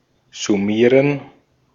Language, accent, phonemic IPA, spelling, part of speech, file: German, Austria, /zʊˈmiːrən/, summieren, verb, De-at-summieren.ogg
- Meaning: to sum (add together)